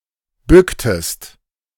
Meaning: inflection of bücken: 1. second-person singular preterite 2. second-person singular subjunctive II
- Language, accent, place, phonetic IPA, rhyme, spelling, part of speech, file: German, Germany, Berlin, [ˈbʏktəst], -ʏktəst, bücktest, verb, De-bücktest.ogg